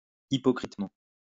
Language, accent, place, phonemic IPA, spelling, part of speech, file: French, France, Lyon, /i.pɔ.kʁit.mɑ̃/, hypocritement, adverb, LL-Q150 (fra)-hypocritement.wav
- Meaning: hypocritically